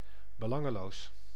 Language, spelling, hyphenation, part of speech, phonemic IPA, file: Dutch, belangeloos, be‧lan‧ge‧loos, adjective, /bəˈlɑ.ŋəˌloːs/, Nl-belangeloos.ogg
- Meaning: without a stake, without self-interest